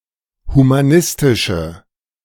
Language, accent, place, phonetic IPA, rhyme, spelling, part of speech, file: German, Germany, Berlin, [humaˈnɪstɪʃə], -ɪstɪʃə, humanistische, adjective, De-humanistische.ogg
- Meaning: inflection of humanistisch: 1. strong/mixed nominative/accusative feminine singular 2. strong nominative/accusative plural 3. weak nominative all-gender singular